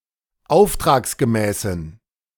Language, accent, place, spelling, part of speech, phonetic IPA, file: German, Germany, Berlin, auftragsgemäßen, adjective, [ˈaʊ̯ftʁaːksɡəˌmɛːsn̩], De-auftragsgemäßen.ogg
- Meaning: inflection of auftragsgemäß: 1. strong genitive masculine/neuter singular 2. weak/mixed genitive/dative all-gender singular 3. strong/weak/mixed accusative masculine singular 4. strong dative plural